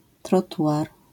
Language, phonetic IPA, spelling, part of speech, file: Polish, [trɔˈtuʷar], trotuar, noun, LL-Q809 (pol)-trotuar.wav